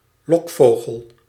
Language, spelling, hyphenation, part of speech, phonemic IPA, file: Dutch, lokvogel, lok‧vogel, noun, /ˈlɔkˌfoː.ɣəl/, Nl-lokvogel.ogg
- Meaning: a decoy bird